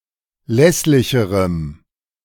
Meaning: strong dative masculine/neuter singular comparative degree of lässlich
- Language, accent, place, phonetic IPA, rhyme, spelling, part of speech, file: German, Germany, Berlin, [ˈlɛslɪçəʁəm], -ɛslɪçəʁəm, lässlicherem, adjective, De-lässlicherem.ogg